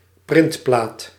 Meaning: printed circuit board
- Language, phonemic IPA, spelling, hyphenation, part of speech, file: Dutch, /ˈprɪnt.plaːt/, printplaat, print‧plaat, noun, Nl-printplaat.ogg